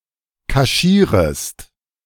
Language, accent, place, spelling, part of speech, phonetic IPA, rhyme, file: German, Germany, Berlin, kaschierest, verb, [kaˈʃiːʁəst], -iːʁəst, De-kaschierest.ogg
- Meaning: second-person singular subjunctive I of kaschieren